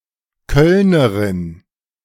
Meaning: female equivalent of Kölner (“person from Cologne”)
- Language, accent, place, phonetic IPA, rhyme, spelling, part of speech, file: German, Germany, Berlin, [ˈkœlnəʁɪn], -œlnəʁɪn, Kölnerin, noun, De-Kölnerin.ogg